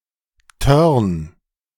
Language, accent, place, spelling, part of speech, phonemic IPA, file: German, Germany, Berlin, Törn, noun, /ˈtœʁn/, De-Törn.ogg
- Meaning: sail (trip in a sailboat)